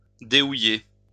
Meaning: to remove coal from
- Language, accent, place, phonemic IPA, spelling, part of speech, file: French, France, Lyon, /de.u.je/, déhouiller, verb, LL-Q150 (fra)-déhouiller.wav